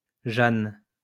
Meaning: 1. a female given name from Hebrew, equivalent to English Joan 2. Joanna
- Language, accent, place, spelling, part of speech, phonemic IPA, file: French, France, Lyon, Jeanne, proper noun, /ʒan/, LL-Q150 (fra)-Jeanne.wav